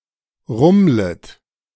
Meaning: second-person plural subjunctive I of rummeln
- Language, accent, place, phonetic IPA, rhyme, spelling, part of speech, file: German, Germany, Berlin, [ˈʁʊmlət], -ʊmlət, rummlet, verb, De-rummlet.ogg